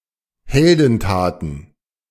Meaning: plural of Heldentat
- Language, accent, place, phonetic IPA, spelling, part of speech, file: German, Germany, Berlin, [ˈhɛldn̩ˌtaːtn̩], Heldentaten, noun, De-Heldentaten.ogg